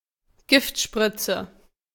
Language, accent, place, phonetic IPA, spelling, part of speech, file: German, Germany, Berlin, [ˈɡɪft.ʃprit͡sə], Giftspritze, noun, De-Giftspritze.ogg
- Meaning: lethal injection